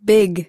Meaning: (adjective) 1. Of great size, large 2. Of great size, large.: Fat 3. Large with young; pregnant; swelling; ready to give birth or produce
- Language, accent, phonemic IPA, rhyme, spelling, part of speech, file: English, US, /bɪɡ/, -ɪɡ, big, adjective / adverb / noun / verb, En-us-big.ogg